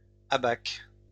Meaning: plural of abaque
- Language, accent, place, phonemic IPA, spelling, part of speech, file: French, France, Lyon, /a.bak/, abaques, noun, LL-Q150 (fra)-abaques.wav